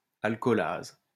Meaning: alcoholase
- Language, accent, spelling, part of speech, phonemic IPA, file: French, France, alcoolase, noun, /al.kɔ.laz/, LL-Q150 (fra)-alcoolase.wav